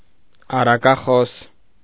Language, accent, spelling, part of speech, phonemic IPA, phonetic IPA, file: Armenian, Eastern Armenian, առակախոս, adjective / noun, /ɑrɑkɑˈχos/, [ɑrɑkɑχós], Hy-առակախոս.ogg
- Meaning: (adjective) that speaks in fables; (noun) fabulist, storyteller